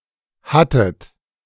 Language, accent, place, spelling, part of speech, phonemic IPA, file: German, Germany, Berlin, hattet, verb, /ˈhatət/, De-hattet.ogg
- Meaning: second-person plural preterite of haben